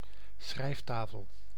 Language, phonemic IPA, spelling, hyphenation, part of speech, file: Dutch, /ˈsxrɛi̯fˌtaː.fəl/, schrijftafel, schrijf‧ta‧fel, noun, Nl-schrijftafel.ogg
- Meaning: desk